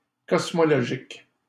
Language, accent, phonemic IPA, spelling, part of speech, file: French, Canada, /kɔs.mɔ.lɔ.ʒik/, cosmologique, adjective, LL-Q150 (fra)-cosmologique.wav
- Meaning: cosmological